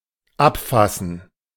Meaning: 1. to write down 2. to catch someone in the act 3. to arrest
- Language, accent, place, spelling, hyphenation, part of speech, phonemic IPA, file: German, Germany, Berlin, abfassen, ab‧fas‧sen, verb, /ˈapˌfasn̩/, De-abfassen.ogg